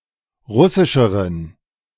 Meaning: inflection of russisch: 1. strong genitive masculine/neuter singular comparative degree 2. weak/mixed genitive/dative all-gender singular comparative degree
- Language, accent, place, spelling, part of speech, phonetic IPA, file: German, Germany, Berlin, russischeren, adjective, [ˈʁʊsɪʃəʁən], De-russischeren.ogg